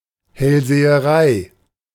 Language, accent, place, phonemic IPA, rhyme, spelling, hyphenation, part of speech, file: German, Germany, Berlin, /hɛlzeːəˈʁaɪ̯/, -aɪ̯, Hellseherei, Hell‧se‧he‧rei, noun, De-Hellseherei.ogg
- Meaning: clairvoyance